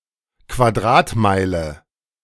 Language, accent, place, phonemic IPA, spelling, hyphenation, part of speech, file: German, Germany, Berlin, /kvaˈdʁaːtˌmaɪ̯lə/, Quadratmeile, Qua‧d‧rat‧mei‧le, noun, De-Quadratmeile.ogg
- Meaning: square mile